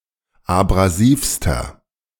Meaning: inflection of abrasiv: 1. strong/mixed nominative masculine singular superlative degree 2. strong genitive/dative feminine singular superlative degree 3. strong genitive plural superlative degree
- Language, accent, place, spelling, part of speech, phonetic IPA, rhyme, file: German, Germany, Berlin, abrasivster, adjective, [abʁaˈziːfstɐ], -iːfstɐ, De-abrasivster.ogg